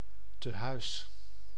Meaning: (noun) home, asylum; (adverb) alternative form of thuis
- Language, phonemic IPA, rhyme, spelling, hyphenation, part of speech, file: Dutch, /təˈɦœy̯s/, -œy̯s, tehuis, te‧huis, noun / adverb, Nl-tehuis.ogg